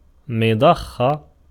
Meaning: pump
- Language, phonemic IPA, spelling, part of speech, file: Arabic, /mi.dˤax.xa/, مضخة, noun, Ar-مضخة.ogg